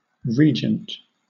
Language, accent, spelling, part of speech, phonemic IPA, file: English, Southern England, regent, noun / adjective, /ˈɹiːd͡ʒənt/, LL-Q1860 (eng)-regent.wav
- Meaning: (noun) 1. One who rules in place of the monarch, especially because the monarch is too young, absent, or disabled 2. Any ruler